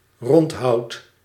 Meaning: wood that is cut into a round shape, such as a mast, which a sail can be attached to
- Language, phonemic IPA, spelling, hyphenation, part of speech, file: Dutch, /ˈrɔntɦɑu̯t/, rondhout, rond‧hout, noun, Nl-rondhout.ogg